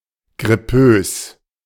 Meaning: flulike
- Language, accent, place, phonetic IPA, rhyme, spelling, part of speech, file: German, Germany, Berlin, [ɡʁɪˈpøːs], -øːs, grippös, adjective, De-grippös.ogg